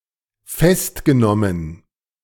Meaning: past participle of festnehmen
- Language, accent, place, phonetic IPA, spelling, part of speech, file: German, Germany, Berlin, [ˈfɛstɡəˌnɔmən], festgenommen, verb, De-festgenommen.ogg